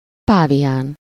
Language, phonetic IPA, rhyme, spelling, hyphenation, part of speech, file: Hungarian, [ˈpaːvijaːn], -aːn, pávián, pá‧vi‧án, noun, Hu-pávián.ogg
- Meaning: baboon (primate)